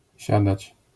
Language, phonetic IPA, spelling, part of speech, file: Polish, [ˈɕadat͡ɕ], siadać, verb, LL-Q809 (pol)-siadać.wav